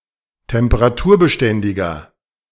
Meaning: inflection of temperaturbeständig: 1. strong/mixed nominative masculine singular 2. strong genitive/dative feminine singular 3. strong genitive plural
- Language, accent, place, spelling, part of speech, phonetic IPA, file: German, Germany, Berlin, temperaturbeständiger, adjective, [tɛmpəʁaˈtuːɐ̯bəˌʃtɛndɪɡɐ], De-temperaturbeständiger.ogg